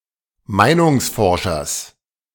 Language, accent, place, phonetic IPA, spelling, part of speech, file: German, Germany, Berlin, [ˈmaɪ̯nʊŋsˌfɔʁʃɐs], Meinungsforschers, noun, De-Meinungsforschers.ogg
- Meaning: genitive singular of Meinungsforscher